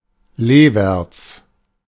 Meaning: leeward
- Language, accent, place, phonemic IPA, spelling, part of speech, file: German, Germany, Berlin, /ˈleːˌvɛʁt͡s/, leewärts, adverb, De-leewärts.ogg